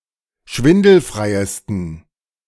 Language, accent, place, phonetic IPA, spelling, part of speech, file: German, Germany, Berlin, [ˈʃvɪndl̩fʁaɪ̯əstn̩], schwindelfreiesten, adjective, De-schwindelfreiesten.ogg
- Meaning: 1. superlative degree of schwindelfrei 2. inflection of schwindelfrei: strong genitive masculine/neuter singular superlative degree